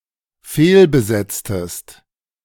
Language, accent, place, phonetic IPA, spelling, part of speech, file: German, Germany, Berlin, [ˈfeːlbəˌzɛt͡stəst], fehlbesetztest, verb, De-fehlbesetztest.ogg
- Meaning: inflection of fehlbesetzen: 1. second-person singular dependent preterite 2. second-person singular dependent subjunctive II